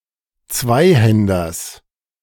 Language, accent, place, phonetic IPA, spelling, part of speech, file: German, Germany, Berlin, [ˈt͡svaɪ̯ˌhɛndɐs], Zweihänders, noun, De-Zweihänders.ogg
- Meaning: genitive singular of Zweihänder